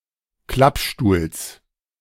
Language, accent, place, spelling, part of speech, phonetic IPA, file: German, Germany, Berlin, Klappstuhls, noun, [ˈklapˌʃtuːls], De-Klappstuhls.ogg
- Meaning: genitive of Klappstuhl